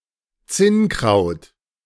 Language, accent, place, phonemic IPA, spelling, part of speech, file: German, Germany, Berlin, /ˈt͡sɪnˌkʁaʊ̯t/, Zinnkraut, noun, De-Zinnkraut.ogg
- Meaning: horsetail